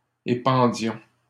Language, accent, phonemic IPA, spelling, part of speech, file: French, Canada, /e.pɑ̃.djɔ̃/, épandions, verb, LL-Q150 (fra)-épandions.wav
- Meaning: inflection of épandre: 1. first-person plural imperfect indicative 2. first-person plural present subjunctive